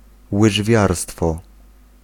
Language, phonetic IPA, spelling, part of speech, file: Polish, [wɨʒˈvʲjarstfɔ], łyżwiarstwo, noun, Pl-łyżwiarstwo.ogg